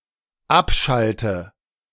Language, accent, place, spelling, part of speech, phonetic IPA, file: German, Germany, Berlin, abschalte, verb, [ˈapˌʃaltə], De-abschalte.ogg
- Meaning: inflection of abschalten: 1. first-person singular dependent present 2. first/third-person singular dependent subjunctive I